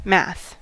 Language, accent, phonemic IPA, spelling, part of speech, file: English, US, /mæθ/, math, noun / verb, En-us-math.ogg
- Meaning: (noun) 1. Clipping of mathematics 2. Arithmetic calculations; (see do the math) 3. A math course or class; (verb) To perform mathematical calculations or mathematical analysis; to do math